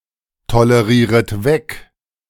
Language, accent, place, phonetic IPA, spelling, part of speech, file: German, Germany, Berlin, [toləˌʁiːʁət ˈvɛk], tolerieret weg, verb, De-tolerieret weg.ogg
- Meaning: second-person plural subjunctive I of wegtolerieren